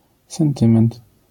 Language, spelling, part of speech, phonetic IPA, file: Polish, sentyment, noun, [sɛ̃nˈtɨ̃mɛ̃nt], LL-Q809 (pol)-sentyment.wav